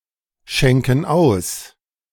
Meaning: inflection of ausschenken: 1. first/third-person plural present 2. first/third-person plural subjunctive I
- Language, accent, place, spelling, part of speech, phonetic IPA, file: German, Germany, Berlin, schenken aus, verb, [ˌʃɛŋkn̩ ˈaʊ̯s], De-schenken aus.ogg